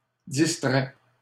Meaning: inflection of distraire: 1. first/second-person singular present indicative 2. second-person singular imperative
- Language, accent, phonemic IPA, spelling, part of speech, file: French, Canada, /dis.tʁɛ/, distrais, verb, LL-Q150 (fra)-distrais.wav